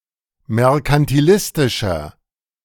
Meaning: inflection of merkantilistisch: 1. strong/mixed nominative masculine singular 2. strong genitive/dative feminine singular 3. strong genitive plural
- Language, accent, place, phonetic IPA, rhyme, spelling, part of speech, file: German, Germany, Berlin, [mɛʁkantiˈlɪstɪʃɐ], -ɪstɪʃɐ, merkantilistischer, adjective, De-merkantilistischer.ogg